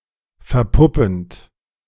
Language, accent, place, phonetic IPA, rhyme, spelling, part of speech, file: German, Germany, Berlin, [fɛɐ̯ˈpʊpn̩t], -ʊpn̩t, verpuppend, verb, De-verpuppend.ogg
- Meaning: present participle of verpuppen